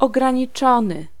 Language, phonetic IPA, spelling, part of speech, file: Polish, [ˌɔɡrãɲiˈt͡ʃɔ̃nɨ], ograniczony, adjective / verb, Pl-ograniczony.ogg